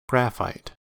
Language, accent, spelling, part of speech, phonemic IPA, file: English, US, graphite, noun / verb, /ˈɡɹæfaɪt/, En-us-graphite.ogg